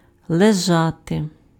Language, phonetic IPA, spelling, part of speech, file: Ukrainian, [ɫeˈʒate], лежати, verb, Uk-лежати.ogg
- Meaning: to lie (to be in a horizontal position; usually followed by the preposition на and the locative case)